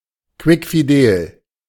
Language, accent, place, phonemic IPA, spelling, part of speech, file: German, Germany, Berlin, /ˌkvɪkfiˈdeːl/, quickfidel, adjective, De-quickfidel.ogg
- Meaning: healthy, lively